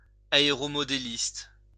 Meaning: aeromodeller
- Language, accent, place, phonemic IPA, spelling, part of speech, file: French, France, Lyon, /a.e.ʁɔ.mɔ.de.list/, aéromodéliste, noun, LL-Q150 (fra)-aéromodéliste.wav